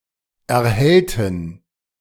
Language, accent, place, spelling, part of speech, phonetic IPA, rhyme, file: German, Germany, Berlin, erhellten, adjective / verb, [ɛɐ̯ˈhɛltn̩], -ɛltn̩, De-erhellten.ogg
- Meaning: inflection of erhellen: 1. first/third-person plural preterite 2. first/third-person plural subjunctive II